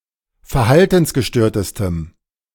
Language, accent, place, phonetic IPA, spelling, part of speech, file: German, Germany, Berlin, [fɛɐ̯ˈhaltn̩sɡəˌʃtøːɐ̯təstəm], verhaltensgestörtestem, adjective, De-verhaltensgestörtestem.ogg
- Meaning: strong dative masculine/neuter singular superlative degree of verhaltensgestört